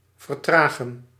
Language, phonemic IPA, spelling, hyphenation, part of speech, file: Dutch, /vərˈtraːɣə(n)/, vertragen, ver‧tra‧gen, verb, Nl-vertragen.ogg
- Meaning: to slow down, to delay